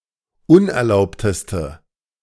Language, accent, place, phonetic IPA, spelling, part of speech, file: German, Germany, Berlin, [ˈʊnʔɛɐ̯ˌlaʊ̯ptəstə], unerlaubteste, adjective, De-unerlaubteste.ogg
- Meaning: inflection of unerlaubt: 1. strong/mixed nominative/accusative feminine singular superlative degree 2. strong nominative/accusative plural superlative degree